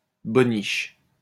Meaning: skivvy
- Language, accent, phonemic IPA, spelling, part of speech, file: French, France, /bɔ.niʃ/, bonniche, noun, LL-Q150 (fra)-bonniche.wav